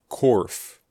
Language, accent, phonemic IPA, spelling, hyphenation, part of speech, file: English, US, /kɔɹf/, corf, corf, noun, En-us-corf.ogg
- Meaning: 1. A large basket, especially as used for coal 2. A container (basket, wooden box with holes etc.) used to store live fish underwater